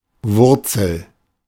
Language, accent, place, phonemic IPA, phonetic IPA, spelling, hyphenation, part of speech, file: German, Germany, Berlin, /ˈvʊrt͡səl/, [ˈvʊɐ̯.t͡sl̩], Wurzel, Wur‧zel, noun, De-Wurzel.ogg
- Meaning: 1. root 2. root: root 3. root: root, the primary source, origin 4. root: root, especially square root 5. root: root, the irreducible skeleton of a word 6. root: root, internal etymon 7. carrot